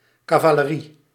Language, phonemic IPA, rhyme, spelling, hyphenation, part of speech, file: Dutch, /ˌkaː.vaː.ləˈri/, -i, cavalerie, ca‧va‧le‧rie, noun, Nl-cavalerie.ogg
- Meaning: cavalry (part of the military that is on horseback)